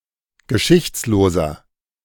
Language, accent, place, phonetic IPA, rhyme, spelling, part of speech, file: German, Germany, Berlin, [ɡəˈʃɪçt͡sloːzɐ], -ɪçt͡sloːzɐ, geschichtsloser, adjective, De-geschichtsloser.ogg
- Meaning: 1. comparative degree of geschichtslos 2. inflection of geschichtslos: strong/mixed nominative masculine singular 3. inflection of geschichtslos: strong genitive/dative feminine singular